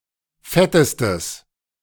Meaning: strong/mixed nominative/accusative neuter singular superlative degree of fett
- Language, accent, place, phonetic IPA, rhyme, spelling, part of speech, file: German, Germany, Berlin, [ˈfɛtəstəs], -ɛtəstəs, fettestes, adjective, De-fettestes.ogg